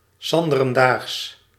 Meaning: the next day
- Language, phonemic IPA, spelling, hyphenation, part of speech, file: Dutch, /ˌsɑn.də.rə(n)ˈdaːxs/, 's anderendaags, 's an‧de‧ren‧daags, phrase, Nl-'s anderendaags.ogg